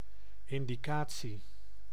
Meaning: indication
- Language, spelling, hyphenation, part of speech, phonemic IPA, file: Dutch, indicatie, in‧di‧ca‧tie, noun, /ɪndiˈkaː(t)si/, Nl-indicatie.ogg